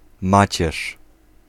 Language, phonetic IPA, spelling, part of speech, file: Polish, [ˈmat͡ɕɛʃ], macierz, noun, Pl-macierz.ogg